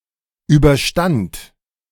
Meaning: first/third-person singular preterite of überstehen
- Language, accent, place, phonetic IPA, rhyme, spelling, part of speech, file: German, Germany, Berlin, [ˌyːbɐˈʃtant], -ant, überstand, verb, De-überstand.ogg